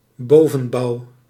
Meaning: the upper part, or superstructure, of a building
- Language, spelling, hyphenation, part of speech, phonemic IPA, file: Dutch, bovenbouw, bo‧ven‧bouw, noun, /ˈboː.və(n)ˌbɑu̯/, Nl-bovenbouw.ogg